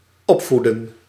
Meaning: to raise, to bring up (a child)
- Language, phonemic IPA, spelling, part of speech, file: Dutch, /ˈɔpfudə(n)/, opvoeden, verb, Nl-opvoeden.ogg